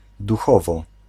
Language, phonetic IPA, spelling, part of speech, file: Polish, [duˈxɔvɔ], duchowo, adverb, Pl-duchowo.ogg